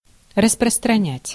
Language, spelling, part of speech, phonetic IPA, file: Russian, распространять, verb, [rəsprəstrɐˈnʲætʲ], Ru-распространять.ogg
- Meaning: to proliferate, to spread, to diffuse, to distribute